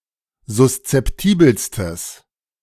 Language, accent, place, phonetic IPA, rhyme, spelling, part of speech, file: German, Germany, Berlin, [zʊst͡sɛpˈtiːbl̩stəs], -iːbl̩stəs, suszeptibelstes, adjective, De-suszeptibelstes.ogg
- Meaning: strong/mixed nominative/accusative neuter singular superlative degree of suszeptibel